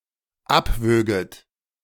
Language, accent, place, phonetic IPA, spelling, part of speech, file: German, Germany, Berlin, [ˈapˌvøːɡət], abwöget, verb, De-abwöget.ogg
- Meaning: second-person plural dependent subjunctive II of abwiegen